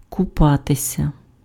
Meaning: to bathe, to have/take a bath
- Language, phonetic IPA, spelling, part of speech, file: Ukrainian, [kʊˈpatesʲɐ], купатися, verb, Uk-купатися.ogg